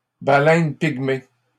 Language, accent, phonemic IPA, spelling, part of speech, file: French, Canada, /ba.lɛn piɡ.me/, baleine pygmée, noun, LL-Q150 (fra)-baleine pygmée.wav
- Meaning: pygmy right whale